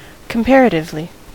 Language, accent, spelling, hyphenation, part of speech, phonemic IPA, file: English, US, comparatively, com‧par‧a‧tive‧ly, adverb, /kəmˈpæɹ.ə.tɪvli/, En-us-comparatively.ogg
- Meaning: 1. In a comparative manner 2. When compared to other entities